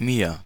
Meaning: 1. dative of ich: me, to me 2. alternative form of wir (“we”)
- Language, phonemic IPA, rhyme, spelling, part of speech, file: German, /miːɐ̯/, -iːɐ̯, mir, pronoun, De-mir.ogg